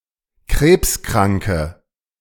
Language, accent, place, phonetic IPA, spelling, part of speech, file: German, Germany, Berlin, [ˈkʁeːpsˌkʁaŋkə], krebskranke, adjective, De-krebskranke.ogg
- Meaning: inflection of krebskrank: 1. strong/mixed nominative/accusative feminine singular 2. strong nominative/accusative plural 3. weak nominative all-gender singular